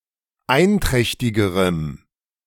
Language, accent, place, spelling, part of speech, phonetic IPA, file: German, Germany, Berlin, einträchtigerem, adjective, [ˈaɪ̯nˌtʁɛçtɪɡəʁəm], De-einträchtigerem.ogg
- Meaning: strong dative masculine/neuter singular comparative degree of einträchtig